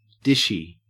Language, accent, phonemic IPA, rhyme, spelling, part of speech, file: English, Australia, /ˈdɪʃ.i/, -ɪʃi, dishy, adjective / noun, En-au-dishy.ogg
- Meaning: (adjective) 1. Attractive; good-looking; sexy 2. Tending to relay information and gossip; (noun) A dishwasher (someone who washes dishes)